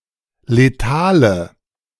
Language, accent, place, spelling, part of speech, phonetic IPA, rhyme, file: German, Germany, Berlin, letale, adjective, [leˈtaːlə], -aːlə, De-letale.ogg
- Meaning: inflection of letal: 1. strong/mixed nominative/accusative feminine singular 2. strong nominative/accusative plural 3. weak nominative all-gender singular 4. weak accusative feminine/neuter singular